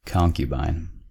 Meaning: 1. A sexual partner, especially a woman, to whom one is not or cannot be married 2. A woman who lives with a man, but who is not a wife
- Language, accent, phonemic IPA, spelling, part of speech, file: English, US, /ˈkɑŋkjəbaɪn/, concubine, noun, En-us-concubine.ogg